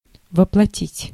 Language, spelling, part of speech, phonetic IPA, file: Russian, воплотить, verb, [vəpɫɐˈtʲitʲ], Ru-воплотить.ogg
- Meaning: 1. to incarnate, to embody, to personify 2. to realize (a dream, a project, etc.)